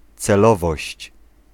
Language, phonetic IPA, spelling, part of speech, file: Polish, [t͡sɛˈlɔvɔɕt͡ɕ], celowość, noun, Pl-celowość.ogg